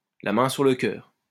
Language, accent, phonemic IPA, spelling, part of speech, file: French, France, /la mɛ̃ syʁ lə kœʁ/, la main sur le cœur, adverb, LL-Q150 (fra)-la main sur le cœur.wav
- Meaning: in all sincerity, open-heartedly, with hand on heart